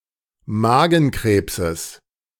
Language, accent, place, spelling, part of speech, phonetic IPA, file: German, Germany, Berlin, Magenkrebses, noun, [ˈmaːɡn̩ˌkʁeːpsəs], De-Magenkrebses.ogg
- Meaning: genitive singular of Magenkrebs